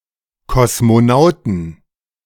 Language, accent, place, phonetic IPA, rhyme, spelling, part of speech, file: German, Germany, Berlin, [kɔsmoˈnaʊ̯tn̩], -aʊ̯tn̩, Kosmonauten, noun, De-Kosmonauten.ogg
- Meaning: 1. genitive singular of Kosmonaut 2. plural of Kosmonaut